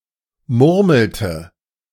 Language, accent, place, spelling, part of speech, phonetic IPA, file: German, Germany, Berlin, murmelte, verb, [ˈmʊʁml̩tə], De-murmelte.ogg
- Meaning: inflection of murmeln: 1. first/third-person singular preterite 2. first/third-person singular subjunctive II